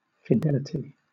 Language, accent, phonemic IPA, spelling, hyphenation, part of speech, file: English, Southern England, /fɪˈdɛlɪti/, fidelity, fi‧del‧i‧ty, noun, LL-Q1860 (eng)-fidelity.wav
- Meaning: Often followed by to or towards: faithfulness or loyalty towards a person, a group, one's civic or moral duties, etc.; allegiance; (countable) an instance of this